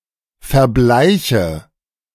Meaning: inflection of verbleichen: 1. first-person singular present 2. first/third-person singular subjunctive I 3. singular imperative
- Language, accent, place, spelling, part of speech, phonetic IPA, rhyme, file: German, Germany, Berlin, verbleiche, verb, [fɛɐ̯ˈblaɪ̯çə], -aɪ̯çə, De-verbleiche.ogg